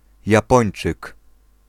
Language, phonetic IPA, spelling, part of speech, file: Polish, [jaˈpɔ̃j̃n͇t͡ʃɨk], Japończyk, noun, Pl-Japończyk.ogg